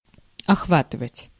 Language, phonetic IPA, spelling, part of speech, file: Russian, [ɐxˈvatɨvətʲ], охватывать, verb, Ru-охватывать.ogg
- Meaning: to embrace, to include